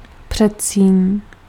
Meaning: 1. atrium (of a heart) 2. anteroom, antechamber, hall, hallway
- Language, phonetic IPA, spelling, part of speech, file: Czech, [ˈpr̝̊ɛtsiːɲ], předsíň, noun, Cs-předsíň.ogg